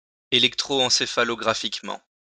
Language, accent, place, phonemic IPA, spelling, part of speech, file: French, France, Lyon, /e.lɛk.tʁo.ɑ̃.se.fa.lɔ.ɡʁa.fik.mɑ̃/, électroencéphalographiquement, adverb, LL-Q150 (fra)-électroencéphalographiquement.wav
- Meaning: electroencephalographically